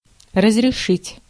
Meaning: 1. to permit, to allow, to let 2. to authorize 3. to solve, to settle, to resolve
- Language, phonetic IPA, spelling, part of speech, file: Russian, [rəzrʲɪˈʂɨtʲ], разрешить, verb, Ru-разрешить.ogg